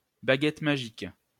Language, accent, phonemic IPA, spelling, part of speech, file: French, France, /ba.ɡɛt ma.ʒik/, baguette magique, noun, LL-Q150 (fra)-baguette magique.wav
- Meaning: magic wand